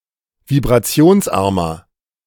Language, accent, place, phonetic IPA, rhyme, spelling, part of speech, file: German, Germany, Berlin, [vibʁaˈt͡si̯oːnsˌʔaʁmɐ], -oːnsʔaʁmɐ, vibrationsarmer, adjective, De-vibrationsarmer.ogg
- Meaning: 1. comparative degree of vibrationsarm 2. inflection of vibrationsarm: strong/mixed nominative masculine singular 3. inflection of vibrationsarm: strong genitive/dative feminine singular